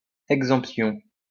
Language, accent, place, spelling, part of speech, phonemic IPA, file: French, France, Lyon, exemption, noun, /ɛɡ.zɑ̃p.sjɔ̃/, LL-Q150 (fra)-exemption.wav
- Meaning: exemption